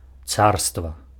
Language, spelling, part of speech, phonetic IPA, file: Belarusian, царства, noun, [ˈt͡sarstva], Be-царства.ogg
- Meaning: 1. empire, kingdom; tsardom 2. rule 3. reign